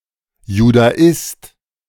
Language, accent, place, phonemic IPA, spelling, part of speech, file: German, Germany, Berlin, /judaˈɪst/, Judaist, noun, De-Judaist.ogg
- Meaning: A specialist in Jewish studies. (male or of unspecified gender)